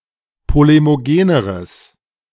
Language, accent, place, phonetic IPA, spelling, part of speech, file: German, Germany, Berlin, [ˌpolemoˈɡeːnəʁəs], polemogeneres, adjective, De-polemogeneres.ogg
- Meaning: strong/mixed nominative/accusative neuter singular comparative degree of polemogen